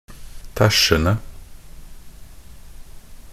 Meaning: present participle of tæsje
- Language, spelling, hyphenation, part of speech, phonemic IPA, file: Norwegian Bokmål, tæsjende, tæsj‧en‧de, verb, /ˈtæʃːən(d)ə/, Nb-tæsjende.ogg